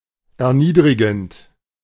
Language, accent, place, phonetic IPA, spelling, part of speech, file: German, Germany, Berlin, [ɛɐ̯ˈniːdʁɪɡn̩t], erniedrigend, verb, De-erniedrigend.ogg
- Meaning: present participle of erniedrigen